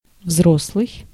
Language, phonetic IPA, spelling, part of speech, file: Russian, [ˈvzrosɫɨj], взрослый, adjective / noun, Ru-взрослый.ogg
- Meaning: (adjective) grown, grown-up, adult; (noun) grown-up, adult